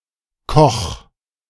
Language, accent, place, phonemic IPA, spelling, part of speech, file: German, Germany, Berlin, /kɔx/, Koch, noun / proper noun, De-Koch2.ogg
- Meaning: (noun) cook (one who cooks; male or unspecified gender); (proper noun) a surname originating as an occupation; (noun) mush, porridge